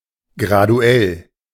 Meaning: gradual (proceeding by steps or small degrees)
- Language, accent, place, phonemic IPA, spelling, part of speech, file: German, Germany, Berlin, /ɡʁaˈdu̯ɛl/, graduell, adjective, De-graduell.ogg